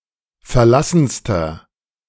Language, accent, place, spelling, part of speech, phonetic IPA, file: German, Germany, Berlin, verlassenster, adjective, [fɛɐ̯ˈlasn̩stɐ], De-verlassenster.ogg
- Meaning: inflection of verlassen: 1. strong/mixed nominative masculine singular superlative degree 2. strong genitive/dative feminine singular superlative degree 3. strong genitive plural superlative degree